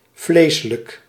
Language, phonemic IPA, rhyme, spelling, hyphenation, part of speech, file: Dutch, /ˈvleː.sə.lək/, -eːsələk, vleselijk, vle‧se‧lijk, adjective, Nl-vleselijk.ogg
- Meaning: fleshly, carnal